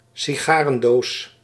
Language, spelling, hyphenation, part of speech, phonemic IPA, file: Dutch, sigarendoos, si‧ga‧ren‧doos, noun, /siˈɣaː.rə(n)ˌdoːs/, Nl-sigarendoos.ogg
- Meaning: a cigar box (box for cigars)